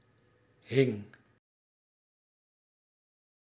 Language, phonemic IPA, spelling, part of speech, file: Dutch, /ɦɪŋ/, hing, verb, Nl-hing.ogg
- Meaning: singular past indicative of hangen